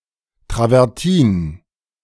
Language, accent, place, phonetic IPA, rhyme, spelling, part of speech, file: German, Germany, Berlin, [tʁavɛʁˈtiːn], -iːn, Travertin, noun, De-Travertin.ogg
- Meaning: travertine